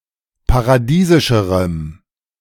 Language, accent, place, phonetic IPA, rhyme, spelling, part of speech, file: German, Germany, Berlin, [paʁaˈdiːzɪʃəʁəm], -iːzɪʃəʁəm, paradiesischerem, adjective, De-paradiesischerem.ogg
- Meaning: strong dative masculine/neuter singular comparative degree of paradiesisch